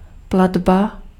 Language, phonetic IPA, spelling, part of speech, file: Czech, [ˈpladba], platba, noun, Cs-platba.ogg
- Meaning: payment